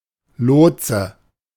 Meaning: 1. pilot; lodesman (person who helps navigate a difficult waterway) 2. air traffic controller 3. guide
- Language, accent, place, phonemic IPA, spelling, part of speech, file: German, Germany, Berlin, /ˈloːtsə/, Lotse, noun, De-Lotse.ogg